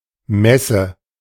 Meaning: 1. fair (trade exhibition) 2. mass, the eucharistic liturgy
- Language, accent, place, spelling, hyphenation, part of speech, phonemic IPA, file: German, Germany, Berlin, Messe, Mes‧se, noun, /ˈmɛsə/, De-Messe.ogg